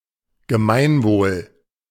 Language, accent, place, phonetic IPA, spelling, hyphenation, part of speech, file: German, Germany, Berlin, [ɡəˈmaɪ̯nˌvoːl], Gemeinwohl, Ge‧mein‧wohl, noun, De-Gemeinwohl.ogg
- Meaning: common good